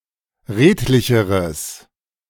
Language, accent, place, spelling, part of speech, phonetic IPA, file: German, Germany, Berlin, redlicheres, adjective, [ˈʁeːtlɪçəʁəs], De-redlicheres.ogg
- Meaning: strong/mixed nominative/accusative neuter singular comparative degree of redlich